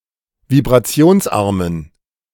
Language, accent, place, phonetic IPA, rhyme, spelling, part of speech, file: German, Germany, Berlin, [vibʁaˈt͡si̯oːnsˌʔaʁmən], -oːnsʔaʁmən, vibrationsarmen, adjective, De-vibrationsarmen.ogg
- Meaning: inflection of vibrationsarm: 1. strong genitive masculine/neuter singular 2. weak/mixed genitive/dative all-gender singular 3. strong/weak/mixed accusative masculine singular 4. strong dative plural